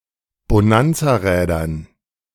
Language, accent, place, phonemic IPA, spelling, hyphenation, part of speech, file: German, Germany, Berlin, /boˈnant͡saːˌʁɛːdɐn/, Bonanzarädern, Bo‧nan‧za‧rä‧dern, noun, De-Bonanzarädern.ogg
- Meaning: dative plural of Bonanzarad